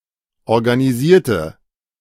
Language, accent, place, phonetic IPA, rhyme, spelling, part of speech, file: German, Germany, Berlin, [ɔʁɡaniˈziːɐ̯tə], -iːɐ̯tə, organisierte, adjective / verb, De-organisierte.ogg
- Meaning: inflection of organisieren: 1. first/third-person singular preterite 2. first/third-person singular subjunctive II